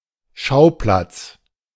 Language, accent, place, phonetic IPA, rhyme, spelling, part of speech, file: German, Germany, Berlin, [ˈʃaʊ̯ˌplat͡s], -aʊ̯plat͡s, Schauplatz, noun, De-Schauplatz.ogg
- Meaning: scene, venue